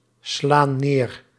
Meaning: inflection of neerslaan: 1. plural present indicative 2. plural present subjunctive
- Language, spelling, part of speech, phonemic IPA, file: Dutch, slaan neer, verb, /ˈslan ˈner/, Nl-slaan neer.ogg